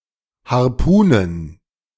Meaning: plural of Harpune
- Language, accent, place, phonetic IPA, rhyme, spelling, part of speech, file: German, Germany, Berlin, [haʁˈpuːnən], -uːnən, Harpunen, noun, De-Harpunen.ogg